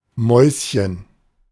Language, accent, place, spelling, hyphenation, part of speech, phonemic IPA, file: German, Germany, Berlin, Mäuschen, Mäus‧chen, noun, /ˈmɔʏ̯sçən/, De-Mäuschen.ogg
- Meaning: 1. diminutive of Maus (“mouse”) 2. synonym of Maus (“honey, sweetie, pumpkin”) 3. fly on the wall (someone, usually theoretical, who listens at a private meeting) 4. the funny bone